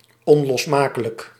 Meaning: indissoluble
- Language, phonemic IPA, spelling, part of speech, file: Dutch, /ˌɔnlɔsˈmakələk/, onlosmakelijk, adjective, Nl-onlosmakelijk.ogg